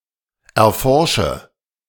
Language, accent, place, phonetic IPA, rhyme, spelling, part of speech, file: German, Germany, Berlin, [ɛɐ̯ˈfɔʁʃə], -ɔʁʃə, erforsche, verb, De-erforsche.ogg
- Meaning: inflection of erforschen: 1. first-person singular present 2. first/third-person singular subjunctive I 3. singular imperative